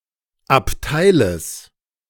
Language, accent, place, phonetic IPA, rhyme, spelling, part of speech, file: German, Germany, Berlin, [apˈtaɪ̯ləs], -aɪ̯ləs, Abteiles, noun, De-Abteiles.ogg
- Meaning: genitive singular of Abteil